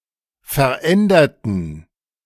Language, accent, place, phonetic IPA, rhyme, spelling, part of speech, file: German, Germany, Berlin, [fɛɐ̯ˈʔɛndɐtn̩], -ɛndɐtn̩, veränderten, adjective / verb, De-veränderten.ogg
- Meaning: inflection of verändern: 1. first/third-person plural preterite 2. first/third-person plural subjunctive II